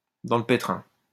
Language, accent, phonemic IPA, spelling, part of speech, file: French, France, /dɑ̃ l(ə) pe.tʁɛ̃/, dans le pétrin, prepositional phrase, LL-Q150 (fra)-dans le pétrin.wav
- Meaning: in the soup, in a fix, in a pickle, in trouble